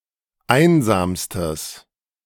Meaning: strong/mixed nominative/accusative neuter singular superlative degree of einsam
- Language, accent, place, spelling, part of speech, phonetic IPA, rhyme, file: German, Germany, Berlin, einsamstes, adjective, [ˈaɪ̯nzaːmstəs], -aɪ̯nzaːmstəs, De-einsamstes.ogg